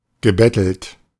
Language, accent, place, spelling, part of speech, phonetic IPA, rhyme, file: German, Germany, Berlin, gebettelt, verb, [ɡəˈbɛtl̩t], -ɛtl̩t, De-gebettelt.ogg
- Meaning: past participle of betteln